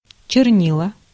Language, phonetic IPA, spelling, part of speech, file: Russian, [t͡ɕɪrˈnʲiɫə], чернила, noun / verb, Ru-чернила.ogg
- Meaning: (noun) ink (coloured/colored fluid used for writing); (verb) feminine singular past indicative imperfective of черни́ть (černítʹ)